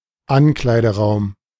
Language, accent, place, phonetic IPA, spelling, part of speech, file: German, Germany, Berlin, [ˈanklaɪ̯dəˌʁaʊ̯m], Ankleideraum, noun, De-Ankleideraum.ogg
- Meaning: dressing room, changeroom, changing room